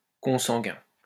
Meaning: 1. inbred 2. born of the same father but not of the same mother
- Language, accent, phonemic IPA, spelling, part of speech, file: French, France, /kɔ̃.sɑ̃.ɡɛ̃/, consanguin, adjective, LL-Q150 (fra)-consanguin.wav